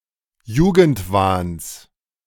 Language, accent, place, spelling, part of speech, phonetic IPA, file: German, Germany, Berlin, Jugendwahns, noun, [ˈjuːɡn̩tˌvaːns], De-Jugendwahns.ogg
- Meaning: genitive of Jugendwahn